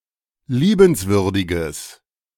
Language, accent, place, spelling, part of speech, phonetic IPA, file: German, Germany, Berlin, liebenswürdiges, adjective, [ˈliːbənsvʏʁdɪɡəs], De-liebenswürdiges.ogg
- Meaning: strong/mixed nominative/accusative neuter singular of liebenswürdig